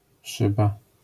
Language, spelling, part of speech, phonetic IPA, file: Polish, szyba, noun, [ˈʃɨba], LL-Q809 (pol)-szyba.wav